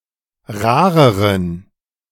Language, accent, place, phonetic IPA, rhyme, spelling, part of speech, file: German, Germany, Berlin, [ˈʁaːʁəʁən], -aːʁəʁən, rareren, adjective, De-rareren.ogg
- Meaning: inflection of rar: 1. strong genitive masculine/neuter singular comparative degree 2. weak/mixed genitive/dative all-gender singular comparative degree